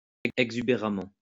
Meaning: exuberantly
- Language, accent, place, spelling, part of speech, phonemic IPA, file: French, France, Lyon, exubéramment, adverb, /ɛɡ.zy.be.ʁa.mɑ̃/, LL-Q150 (fra)-exubéramment.wav